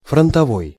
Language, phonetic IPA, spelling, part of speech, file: Russian, [frəntɐˈvoj], фронтовой, adjective, Ru-фронтовой.ogg
- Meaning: 1. front 2. frontline